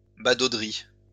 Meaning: 1. onlooking 2. rubbernecking
- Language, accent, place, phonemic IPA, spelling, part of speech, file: French, France, Lyon, /ba.do.dʁi/, badauderie, noun, LL-Q150 (fra)-badauderie.wav